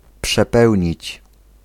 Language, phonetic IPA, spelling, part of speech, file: Polish, [pʃɛˈpɛwʲɲit͡ɕ], przepełnić, verb, Pl-przepełnić.ogg